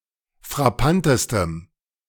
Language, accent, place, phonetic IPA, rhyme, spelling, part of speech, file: German, Germany, Berlin, [fʁaˈpantəstəm], -antəstəm, frappantestem, adjective, De-frappantestem.ogg
- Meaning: strong dative masculine/neuter singular superlative degree of frappant